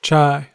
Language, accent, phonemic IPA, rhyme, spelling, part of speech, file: English, US, /t͡ʃaɪ/, -aɪ, chai, noun, En-us-chai.ogg
- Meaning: Ellipsis of masala chai, a beverage made with black teas, steamed milk and sweet spices, based loosely on Indian recipes